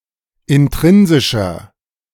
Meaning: inflection of intrinsisch: 1. strong/mixed nominative masculine singular 2. strong genitive/dative feminine singular 3. strong genitive plural
- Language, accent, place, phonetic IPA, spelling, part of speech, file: German, Germany, Berlin, [ɪnˈtʁɪnzɪʃɐ], intrinsischer, adjective, De-intrinsischer.ogg